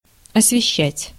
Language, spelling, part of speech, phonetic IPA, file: Russian, освещать, verb, [ɐsvʲɪˈɕːætʲ], Ru-освещать.ogg
- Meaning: 1. to light, to light up, to illuminate 2. to elucidate, to illustrate, to throw light (upon), to shed light on